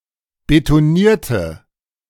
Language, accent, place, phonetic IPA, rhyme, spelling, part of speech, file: German, Germany, Berlin, [betoˈniːɐ̯tə], -iːɐ̯tə, betonierte, adjective / verb, De-betonierte.ogg
- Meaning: inflection of betonieren: 1. first/third-person singular preterite 2. first/third-person singular subjunctive II